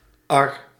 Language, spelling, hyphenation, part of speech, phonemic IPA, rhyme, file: Dutch, ar, ar, adjective / noun, /ɑr/, -ɑr, Nl-ar.ogg
- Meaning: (adjective) 1. angry, furious 2. sorry, sad, regrettable; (noun) sledge